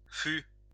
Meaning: first/second-person singular past historic of être
- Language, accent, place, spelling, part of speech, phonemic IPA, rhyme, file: French, France, Lyon, fus, verb, /fy/, -y, LL-Q150 (fra)-fus.wav